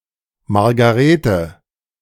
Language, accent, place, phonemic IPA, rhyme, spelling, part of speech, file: German, Germany, Berlin, /marɡaˈreːtə/, -eːtə, Margarete, proper noun, De-Margarete.ogg
- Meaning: a female given name, equivalent to English Margaret